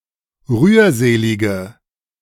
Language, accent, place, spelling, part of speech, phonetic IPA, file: German, Germany, Berlin, rührselige, adjective, [ˈʁyːɐ̯ˌzeːlɪɡə], De-rührselige.ogg
- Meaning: inflection of rührselig: 1. strong/mixed nominative/accusative feminine singular 2. strong nominative/accusative plural 3. weak nominative all-gender singular